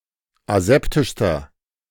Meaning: inflection of aseptisch: 1. strong/mixed nominative masculine singular superlative degree 2. strong genitive/dative feminine singular superlative degree 3. strong genitive plural superlative degree
- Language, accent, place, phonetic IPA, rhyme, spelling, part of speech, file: German, Germany, Berlin, [aˈzɛptɪʃstɐ], -ɛptɪʃstɐ, aseptischster, adjective, De-aseptischster.ogg